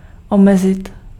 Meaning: 1. to restrict, to limit 2. to be confined, to be restricted, to be limited
- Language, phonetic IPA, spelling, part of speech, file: Czech, [ˈomɛzɪt], omezit, verb, Cs-omezit.ogg